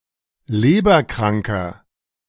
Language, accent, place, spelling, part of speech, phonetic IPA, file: German, Germany, Berlin, leberkranker, adjective, [ˈleːbɐˌkʁaŋkɐ], De-leberkranker.ogg
- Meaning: inflection of leberkrank: 1. strong/mixed nominative masculine singular 2. strong genitive/dative feminine singular 3. strong genitive plural